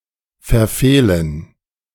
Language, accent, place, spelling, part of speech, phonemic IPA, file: German, Germany, Berlin, verfehlen, verb, /fɛɐ̯ˈfeːlən/, De-verfehlen.ogg
- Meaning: 1. to miss, to meet or hit not 2. to misdo, to fail compliance 3. to rape, to swive without consent